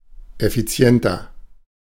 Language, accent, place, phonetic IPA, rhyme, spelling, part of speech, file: German, Germany, Berlin, [ɛfiˈt͡si̯ɛntɐ], -ɛntɐ, effizienter, adjective, De-effizienter.ogg
- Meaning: inflection of effizient: 1. strong/mixed nominative masculine singular 2. strong genitive/dative feminine singular 3. strong genitive plural